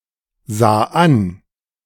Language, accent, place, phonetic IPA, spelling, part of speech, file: German, Germany, Berlin, [ˌzaː ˈan], sah an, verb, De-sah an.ogg
- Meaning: first/third-person singular preterite of ansehen